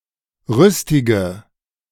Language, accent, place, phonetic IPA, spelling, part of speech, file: German, Germany, Berlin, [ˈʁʏstɪɡə], rüstige, adjective, De-rüstige.ogg
- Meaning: inflection of rüstig: 1. strong/mixed nominative/accusative feminine singular 2. strong nominative/accusative plural 3. weak nominative all-gender singular 4. weak accusative feminine/neuter singular